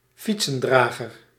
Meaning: bicycle carrier, bike rack
- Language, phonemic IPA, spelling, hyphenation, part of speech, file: Dutch, /ˈfit.sə(n)ˌdraː.ɣər/, fietsendrager, fiet‧sen‧dra‧ger, noun, Nl-fietsendrager.ogg